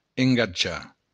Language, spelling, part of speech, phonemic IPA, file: Occitan, engatjar, verb, /eŋɡaˈd͡ʒa/, LL-Q942602-engatjar.wav
- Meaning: 1. to engage 2. to pledge